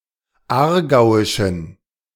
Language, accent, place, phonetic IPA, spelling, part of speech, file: German, Germany, Berlin, [ˈaːɐ̯ˌɡaʊ̯ɪʃn̩], aargauischen, adjective, De-aargauischen.ogg
- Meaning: inflection of aargauisch: 1. strong genitive masculine/neuter singular 2. weak/mixed genitive/dative all-gender singular 3. strong/weak/mixed accusative masculine singular 4. strong dative plural